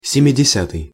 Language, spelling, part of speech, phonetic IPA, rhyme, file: Russian, семидесятый, adjective, [sʲɪmʲɪdʲɪˈsʲatɨj], -atɨj, Ru-семидесятый.ogg
- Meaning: seventieth